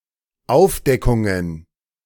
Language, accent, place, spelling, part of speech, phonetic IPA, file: German, Germany, Berlin, Aufdeckungen, noun, [ˈaʊ̯fˌdɛkʊŋən], De-Aufdeckungen.ogg
- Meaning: plural of Aufdeckung